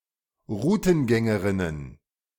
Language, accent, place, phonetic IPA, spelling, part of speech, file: German, Germany, Berlin, [ˈʁuːtn̩ˌɡɛŋəʁɪnən], Rutengängerinnen, noun, De-Rutengängerinnen.ogg
- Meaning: plural of Rutengängerin